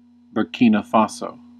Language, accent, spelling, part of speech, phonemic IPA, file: English, US, Burkina Faso, proper noun, /bəɹˈkiːnə ˈfɑsoʊ/, En-us-Burkina Faso.ogg
- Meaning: A country in West Africa, formerly Upper Volta. Official name: Burkina Faso